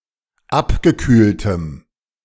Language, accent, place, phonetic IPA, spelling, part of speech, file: German, Germany, Berlin, [ˈapɡəˌkyːltəm], abgekühltem, adjective, De-abgekühltem.ogg
- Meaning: strong dative masculine/neuter singular of abgekühlt